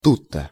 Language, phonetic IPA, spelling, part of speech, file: Russian, [ˈtutːə], тут-то, adverb, Ru-тут-то.ogg
- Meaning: (exactly) here, right here